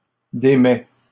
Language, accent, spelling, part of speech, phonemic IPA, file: French, Canada, démet, verb, /de.mɛ/, LL-Q150 (fra)-démet.wav
- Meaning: third-person singular present indicative of démettre